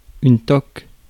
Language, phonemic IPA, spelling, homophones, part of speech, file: French, /tɔk/, toque, toc, noun / verb, Fr-toque.ogg
- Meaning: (noun) 1. toque (a brimless hat) 2. a pillbox hat 3. a type of round brimless hat traditionally worn by certain professions in France, such as university professors or judges 4. toque (a chef's hat)